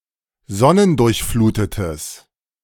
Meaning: strong/mixed nominative/accusative neuter singular of sonnendurchflutet
- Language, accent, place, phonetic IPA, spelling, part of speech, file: German, Germany, Berlin, [ˈzɔnəndʊʁçˌfluːtətəs], sonnendurchflutetes, adjective, De-sonnendurchflutetes.ogg